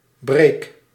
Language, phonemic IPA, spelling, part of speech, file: Dutch, /breːk/, breek, verb, Nl-breek.ogg
- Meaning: inflection of breken: 1. first-person singular present indicative 2. second-person singular present indicative 3. imperative